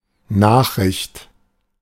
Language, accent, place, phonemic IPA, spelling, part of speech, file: German, Germany, Berlin, /ˈnaːxrɪçt/, Nachricht, noun, De-Nachricht.ogg
- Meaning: 1. news, piece of news, notification 2. message (information which is sent from a source to a receiver) 3. news (kind of broadcast)